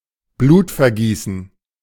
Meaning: bloodshed, bloodletting (in this sense)
- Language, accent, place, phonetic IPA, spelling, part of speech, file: German, Germany, Berlin, [ˈbluːtfɛɐ̯ˌɡiːsn̩], Blutvergießen, noun, De-Blutvergießen.ogg